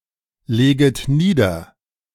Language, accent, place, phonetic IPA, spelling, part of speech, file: German, Germany, Berlin, [ˌleːɡət ˈniːdɐ], leget nieder, verb, De-leget nieder.ogg
- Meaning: second-person plural subjunctive I of niederlegen